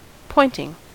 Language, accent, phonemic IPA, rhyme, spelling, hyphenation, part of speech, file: English, US, /ˈpɔɪntɪŋ/, -ɔɪntɪŋ, pointing, point‧ing, noun / verb, En-us-pointing.ogg
- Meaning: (noun) 1. The action of the verb to point 2. The filling of joints in brickwork or masonry with mortar 3. Mortar that has been placed between bricks to fill the gap